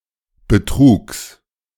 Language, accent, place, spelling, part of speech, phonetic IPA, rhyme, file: German, Germany, Berlin, Betrugs, noun, [bəˈtʁuːks], -uːks, De-Betrugs.ogg
- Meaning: genitive singular of Betrug